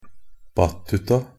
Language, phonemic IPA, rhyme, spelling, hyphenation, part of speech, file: Norwegian Bokmål, /ˈbatːʉta/, -ʉta, battuta, bat‧tu‧ta, adverb, NB - Pronunciation of Norwegian Bokmål «battuta».ogg
- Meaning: only used in a battuta (“a battuta”)